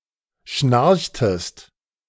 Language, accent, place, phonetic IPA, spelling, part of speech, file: German, Germany, Berlin, [ˈʃnaʁçtəst], schnarchtest, verb, De-schnarchtest.ogg
- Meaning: inflection of schnarchen: 1. second-person singular preterite 2. second-person singular subjunctive II